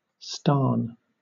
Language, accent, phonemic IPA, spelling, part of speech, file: English, Southern England, /stɑːn/, stan, noun, LL-Q1860 (eng)-stan.wav
- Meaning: A country, often ex-Soviet, whose name ends with -stan, such as Turkmenistan, Uzbekistan, or Kazakhstan